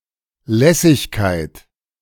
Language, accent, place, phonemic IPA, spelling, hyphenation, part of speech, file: German, Germany, Berlin, /ˈlɛsɪçkaɪ̯t/, Lässigkeit, Läs‧sig‧keit, noun, De-Lässigkeit.ogg
- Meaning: nonchalance, casualness, laxity, easygoingness